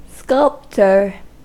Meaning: A person who sculpts; an artist who produces sculpture
- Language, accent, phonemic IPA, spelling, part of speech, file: English, US, /ˈskʌlptɚ/, sculptor, noun, En-us-sculptor.ogg